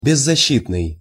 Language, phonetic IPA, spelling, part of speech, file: Russian, [bʲɪzːɐˈɕːitnɨj], беззащитный, adjective, Ru-беззащитный.ogg
- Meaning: defenseless, unprotected